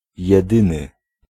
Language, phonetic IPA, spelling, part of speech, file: Polish, [jɛˈdɨ̃nɨ], jedyny, adjective, Pl-jedyny.ogg